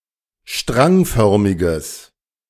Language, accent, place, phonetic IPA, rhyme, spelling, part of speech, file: German, Germany, Berlin, [ˈʃtʁaŋˌfœʁmɪɡəs], -aŋfœʁmɪɡəs, strangförmiges, adjective, De-strangförmiges.ogg
- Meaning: strong/mixed nominative/accusative neuter singular of strangförmig